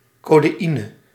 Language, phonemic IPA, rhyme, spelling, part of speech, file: Dutch, /ˌkoː.deːˈi.nə/, -inə, codeïne, noun, Nl-codeïne.ogg
- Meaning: codeine